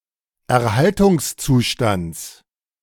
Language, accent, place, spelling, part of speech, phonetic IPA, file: German, Germany, Berlin, Erhaltungszustands, noun, [ɛɐ̯ˈhaltʊŋsˌt͡suːʃtant͡s], De-Erhaltungszustands.ogg
- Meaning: genitive of Erhaltungszustand